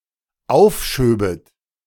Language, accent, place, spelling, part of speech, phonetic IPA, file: German, Germany, Berlin, aufschöbet, verb, [ˈaʊ̯fˌʃøːbət], De-aufschöbet.ogg
- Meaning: second-person plural dependent subjunctive II of aufschieben